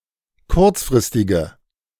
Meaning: inflection of kurzfristig: 1. strong/mixed nominative/accusative feminine singular 2. strong nominative/accusative plural 3. weak nominative all-gender singular
- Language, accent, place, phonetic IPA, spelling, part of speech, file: German, Germany, Berlin, [ˈkʊʁt͡sfʁɪstɪɡə], kurzfristige, adjective, De-kurzfristige.ogg